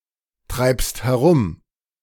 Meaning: second-person singular present of herumtreiben
- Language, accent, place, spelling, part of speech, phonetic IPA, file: German, Germany, Berlin, treibst herum, verb, [ˌtʁaɪ̯pst hɛˈʁʊm], De-treibst herum.ogg